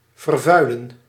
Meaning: to pollute
- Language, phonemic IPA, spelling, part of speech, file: Dutch, /vərˈvœylə(n)/, vervuilen, verb, Nl-vervuilen.ogg